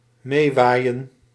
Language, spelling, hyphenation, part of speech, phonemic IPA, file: Dutch, meewaaien, mee‧waai‧en, verb, /ˈmeːˌʋaː.jə(n)/, Nl-meewaaien.ogg
- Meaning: 1. to take along 2. to be blown along (with the wind, someone's breath or another movement of air)